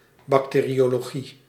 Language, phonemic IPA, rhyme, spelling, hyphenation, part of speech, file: Dutch, /bɑkˌteː.ri.oː.loːˈɣi/, -i, bacteriologie, bac‧te‧rio‧lo‧gie, noun, Nl-bacteriologie.ogg
- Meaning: bacteriology